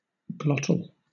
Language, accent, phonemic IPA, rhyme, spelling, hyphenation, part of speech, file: English, Southern England, /ˈɡlɒt.əl/, -ɒtəl, glottal, glot‧tal, adjective / noun, LL-Q1860 (eng)-glottal.wav
- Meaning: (adjective) 1. Of or relating to the glottis 2. Articulated with the glottis; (noun) A sound made with the glottis